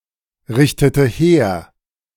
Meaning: inflection of herrichten: 1. first/third-person singular preterite 2. first/third-person singular subjunctive II
- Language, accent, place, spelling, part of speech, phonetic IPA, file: German, Germany, Berlin, richtete her, verb, [ˌʁɪçtətə ˈheːɐ̯], De-richtete her.ogg